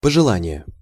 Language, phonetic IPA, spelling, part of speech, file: Russian, [pəʐɨˈɫanʲɪje], пожелание, noun, Ru-пожелание.ogg
- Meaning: 1. wish, desire (especially to someone else) 2. advice, recommendation, wish, demand, request